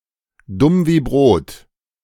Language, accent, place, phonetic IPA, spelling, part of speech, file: German, Germany, Berlin, [ˌdʊm viː ˈbʁoːt], dumm wie Brot, adjective, De-dumm wie Brot.ogg
- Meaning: thick as a brick, dumb as a box of rocks